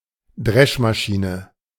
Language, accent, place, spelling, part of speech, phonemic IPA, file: German, Germany, Berlin, Dreschmaschine, noun, /ˈdʁɛʃmaˌʃiːnə/, De-Dreschmaschine.ogg
- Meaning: thresher, threshing machine